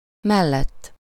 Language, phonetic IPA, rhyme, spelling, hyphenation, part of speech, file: Hungarian, [ˈmɛlːɛtː], -ɛtː, mellett, mel‧lett, postposition, Hu-mellett.ogg
- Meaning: by, beside (by the side of, next to something)